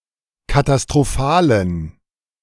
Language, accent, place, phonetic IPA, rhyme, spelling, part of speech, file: German, Germany, Berlin, [katastʁoˈfaːlən], -aːlən, katastrophalen, adjective, De-katastrophalen.ogg
- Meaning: inflection of katastrophal: 1. strong genitive masculine/neuter singular 2. weak/mixed genitive/dative all-gender singular 3. strong/weak/mixed accusative masculine singular 4. strong dative plural